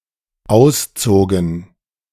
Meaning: first/third-person plural dependent preterite of ausziehen
- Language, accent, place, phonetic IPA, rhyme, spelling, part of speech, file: German, Germany, Berlin, [ˈaʊ̯sˌt͡soːɡn̩], -aʊ̯st͡soːɡn̩, auszogen, verb, De-auszogen.ogg